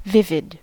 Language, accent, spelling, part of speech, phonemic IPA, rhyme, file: English, US, vivid, adjective / noun, /ˈvɪvɪd/, -ɪvɪd, En-us-vivid.ogg
- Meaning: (adjective) 1. Clear, detailed, or powerful 2. Bright, intense, or colourful 3. Full of life; strikingly alive; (noun) A felt-tipped permanent marker; a marker pen